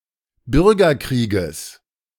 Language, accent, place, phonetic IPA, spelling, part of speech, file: German, Germany, Berlin, [ˈbʏʁɡɐˌkʁiːɡəs], Bürgerkrieges, noun, De-Bürgerkrieges.ogg
- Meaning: genitive singular of Bürgerkrieg